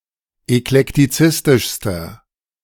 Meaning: inflection of eklektizistisch: 1. strong/mixed nominative masculine singular superlative degree 2. strong genitive/dative feminine singular superlative degree
- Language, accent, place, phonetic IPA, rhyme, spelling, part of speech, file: German, Germany, Berlin, [ɛklɛktiˈt͡sɪstɪʃstɐ], -ɪstɪʃstɐ, eklektizistischster, adjective, De-eklektizistischster.ogg